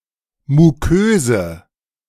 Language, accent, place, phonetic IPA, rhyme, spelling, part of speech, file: German, Germany, Berlin, [muˈkøːzə], -øːzə, muköse, adjective, De-muköse.ogg
- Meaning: inflection of mukös: 1. strong/mixed nominative/accusative feminine singular 2. strong nominative/accusative plural 3. weak nominative all-gender singular 4. weak accusative feminine/neuter singular